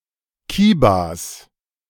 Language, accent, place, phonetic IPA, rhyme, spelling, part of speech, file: German, Germany, Berlin, [ˈkiːbas], -iːbas, Kibas, noun, De-Kibas.ogg
- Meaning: plural of Kiba